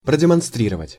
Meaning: to demonstrate, to exhibit, to show
- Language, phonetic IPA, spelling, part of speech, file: Russian, [prədʲɪmɐnˈstrʲirəvətʲ], продемонстрировать, verb, Ru-продемонстрировать.ogg